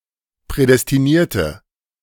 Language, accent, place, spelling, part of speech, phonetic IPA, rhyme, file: German, Germany, Berlin, prädestinierte, adjective, [ˌpʁɛdɛstiˈniːɐ̯tə], -iːɐ̯tə, De-prädestinierte.ogg
- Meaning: inflection of prädestiniert: 1. strong/mixed nominative/accusative feminine singular 2. strong nominative/accusative plural 3. weak nominative all-gender singular